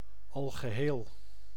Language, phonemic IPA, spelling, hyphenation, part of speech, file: Dutch, /ˌɑl.ɣəˈɦeːl/, algeheel, al‧ge‧heel, adjective, Nl-algeheel.ogg
- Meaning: complete